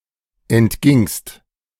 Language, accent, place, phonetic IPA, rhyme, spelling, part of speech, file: German, Germany, Berlin, [ɛntˈɡɪŋst], -ɪŋst, entgingst, verb, De-entgingst.ogg
- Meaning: second-person singular preterite of entgehen